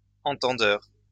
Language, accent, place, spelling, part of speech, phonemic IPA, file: French, France, Lyon, entendeur, noun, /ɑ̃.tɑ̃.dœʁ/, LL-Q150 (fra)-entendeur.wav
- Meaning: wise person